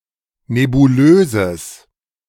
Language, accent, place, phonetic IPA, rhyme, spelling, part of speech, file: German, Germany, Berlin, [nebuˈløːzəs], -øːzəs, nebulöses, adjective, De-nebulöses.ogg
- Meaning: strong/mixed nominative/accusative neuter singular of nebulös